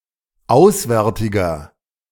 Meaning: inflection of auswärtig: 1. strong/mixed nominative masculine singular 2. strong genitive/dative feminine singular 3. strong genitive plural
- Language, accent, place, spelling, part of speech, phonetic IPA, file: German, Germany, Berlin, auswärtiger, adjective, [ˈaʊ̯sˌvɛʁtɪɡɐ], De-auswärtiger.ogg